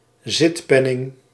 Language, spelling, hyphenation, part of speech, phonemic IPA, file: Dutch, zitpenning, zit‧pen‧ning, noun, /ˈzɪtˌpɛ.nɪŋ/, Nl-zitpenning.ogg
- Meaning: a fee paid to sit on a board or committee; an attendance fee